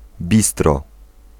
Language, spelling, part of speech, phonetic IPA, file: Polish, bistro, noun, [ˈbʲistrɔ], Pl-bistro.ogg